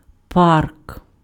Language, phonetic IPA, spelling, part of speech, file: Ukrainian, [park], парк, noun, Uk-парк.ogg
- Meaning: park